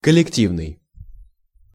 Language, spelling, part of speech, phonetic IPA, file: Russian, коллективный, adjective, [kəlʲɪkˈtʲivnɨj], Ru-коллективный.ogg
- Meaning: collective, joint